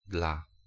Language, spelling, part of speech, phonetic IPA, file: Polish, dla, preposition, [dla], Pl-dla.ogg